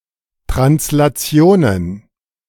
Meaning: plural of Translation
- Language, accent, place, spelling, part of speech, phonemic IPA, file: German, Germany, Berlin, Translationen, noun, /tʁanslaˈt͡si̯oːnən/, De-Translationen.ogg